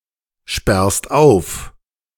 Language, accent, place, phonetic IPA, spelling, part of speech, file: German, Germany, Berlin, [ˌʃpɛʁst ˈaʊ̯f], sperrst auf, verb, De-sperrst auf.ogg
- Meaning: second-person singular present of aufsperren